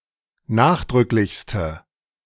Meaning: inflection of nachdrücklich: 1. strong/mixed nominative/accusative feminine singular superlative degree 2. strong nominative/accusative plural superlative degree
- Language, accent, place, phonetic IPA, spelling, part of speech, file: German, Germany, Berlin, [ˈnaːxdʁʏklɪçstə], nachdrücklichste, adjective, De-nachdrücklichste.ogg